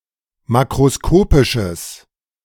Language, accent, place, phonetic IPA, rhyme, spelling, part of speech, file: German, Germany, Berlin, [ˌmakʁoˈskoːpɪʃəs], -oːpɪʃəs, makroskopisches, adjective, De-makroskopisches.ogg
- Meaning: strong/mixed nominative/accusative neuter singular of makroskopisch